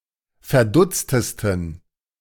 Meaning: 1. superlative degree of verdutzt 2. inflection of verdutzt: strong genitive masculine/neuter singular superlative degree
- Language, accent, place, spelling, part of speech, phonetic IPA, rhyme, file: German, Germany, Berlin, verdutztesten, adjective, [fɛɐ̯ˈdʊt͡stəstn̩], -ʊt͡stəstn̩, De-verdutztesten.ogg